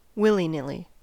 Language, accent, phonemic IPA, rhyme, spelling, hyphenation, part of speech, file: English, General American, /ˌwɪl.iˈnɪl.i/, -ɪli, willy-nilly, wil‧ly-nil‧ly, adverb / adjective, En-us-willy-nilly.oga
- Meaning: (adverb) 1. Whether desired or not; without regard for consequences or wishes of those affected; whether willingly or unwillingly 2. Seemingly at random; haphazardly